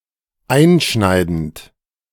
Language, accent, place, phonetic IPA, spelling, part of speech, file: German, Germany, Berlin, [ˈaɪ̯nˌʃnaɪ̯dn̩t], einschneidend, verb, De-einschneidend.ogg
- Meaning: present participle of einschneiden